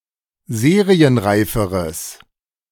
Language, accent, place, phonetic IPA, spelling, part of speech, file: German, Germany, Berlin, [ˈzeːʁiənˌʁaɪ̯fəʁəs], serienreiferes, adjective, De-serienreiferes.ogg
- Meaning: strong/mixed nominative/accusative neuter singular comparative degree of serienreif